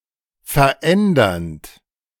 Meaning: present participle of verändern
- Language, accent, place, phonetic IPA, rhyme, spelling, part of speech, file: German, Germany, Berlin, [fɛɐ̯ˈʔɛndɐnt], -ɛndɐnt, verändernd, verb, De-verändernd.ogg